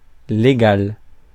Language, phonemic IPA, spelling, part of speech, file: French, /le.ɡal/, légal, adjective, Fr-légal.ogg
- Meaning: 1. statutory: having to do with an act of parliament 2. legal, lawful, licit: in accordance with the law